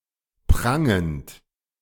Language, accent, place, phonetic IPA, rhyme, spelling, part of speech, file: German, Germany, Berlin, [ˈpʁaŋənt], -aŋənt, prangend, verb, De-prangend.ogg
- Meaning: present participle of prangen